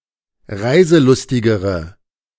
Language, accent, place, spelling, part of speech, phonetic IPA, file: German, Germany, Berlin, reiselustigere, adjective, [ˈʁaɪ̯zəˌlʊstɪɡəʁə], De-reiselustigere.ogg
- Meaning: inflection of reiselustig: 1. strong/mixed nominative/accusative feminine singular comparative degree 2. strong nominative/accusative plural comparative degree